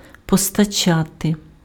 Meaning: to supply, to provide, to purvey, to furnish
- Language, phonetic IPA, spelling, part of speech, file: Ukrainian, [pɔstɐˈt͡ʃate], постачати, verb, Uk-постачати.ogg